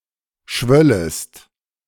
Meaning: second-person singular subjunctive II of schwellen
- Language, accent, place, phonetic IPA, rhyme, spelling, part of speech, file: German, Germany, Berlin, [ˈʃvœləst], -œləst, schwöllest, verb, De-schwöllest.ogg